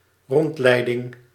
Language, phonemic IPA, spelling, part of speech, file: Dutch, /ˈrɔntlɛidɪŋ/, rondleiding, noun, Nl-rondleiding.ogg
- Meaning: guided tour